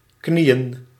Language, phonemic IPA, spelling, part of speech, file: Dutch, /ˈkni.ə(n)/, knieën, noun, Nl-knieën.ogg
- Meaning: plural of knie